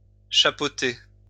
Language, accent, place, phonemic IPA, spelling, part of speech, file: French, France, Lyon, /ʃa.po.te/, chapeauter, verb, LL-Q150 (fra)-chapeauter.wav
- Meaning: 1. to hat (put a hat on someone) 2. to head (be in control of something)